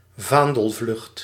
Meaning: 1. desertion 2. defection (from an opinion or organisation)
- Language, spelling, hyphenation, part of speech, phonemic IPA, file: Dutch, vaandelvlucht, vaan‧del‧vlucht, noun, /ˈvaːn.dəlˌvlʏxt/, Nl-vaandelvlucht.ogg